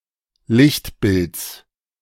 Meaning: genitive of Lichtbild
- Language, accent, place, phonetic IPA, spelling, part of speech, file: German, Germany, Berlin, [ˈlɪçtˌbɪlt͡s], Lichtbilds, noun, De-Lichtbilds.ogg